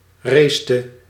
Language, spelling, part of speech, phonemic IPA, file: Dutch, racete, verb, /ˈrestə/, Nl-racete.ogg
- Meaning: inflection of racen: 1. singular past indicative 2. singular past subjunctive